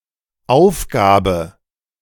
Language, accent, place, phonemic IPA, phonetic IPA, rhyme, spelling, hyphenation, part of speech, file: German, Germany, Berlin, /ˈaʊ̯fˌɡaːbə/, [ʔaʊ̯fˌɡaː.bə], -aːbə, Aufgabe, Auf‧ga‧be, noun, De-Aufgabe.ogg
- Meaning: task, job: 1. duty, responsibility, mission, function, purpose 2. chore, assignment, to-do 3. assignment, exercise, problem (e.g. at school)